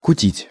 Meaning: to carouse, to revel (make merry)
- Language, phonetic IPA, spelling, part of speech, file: Russian, [kʊˈtʲitʲ], кутить, verb, Ru-кутить.ogg